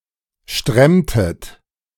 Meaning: inflection of stremmen: 1. second-person plural preterite 2. second-person plural subjunctive II
- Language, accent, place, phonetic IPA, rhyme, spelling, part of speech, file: German, Germany, Berlin, [ˈʃtʁɛmtət], -ɛmtət, stremmtet, verb, De-stremmtet.ogg